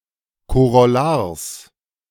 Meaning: genitive of Korollar
- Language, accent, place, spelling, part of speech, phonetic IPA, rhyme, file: German, Germany, Berlin, Korollars, noun, [koʁɔˈlaːɐ̯s], -aːɐ̯s, De-Korollars.ogg